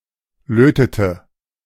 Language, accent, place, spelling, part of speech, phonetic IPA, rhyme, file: German, Germany, Berlin, lötete, verb, [ˈløːtətə], -øːtətə, De-lötete.ogg
- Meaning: inflection of löten: 1. first/third-person singular preterite 2. first/third-person singular subjunctive II